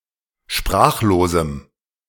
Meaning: strong dative masculine/neuter singular of sprachlos
- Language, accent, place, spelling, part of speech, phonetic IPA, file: German, Germany, Berlin, sprachlosem, adjective, [ˈʃpʁaːxloːzm̩], De-sprachlosem.ogg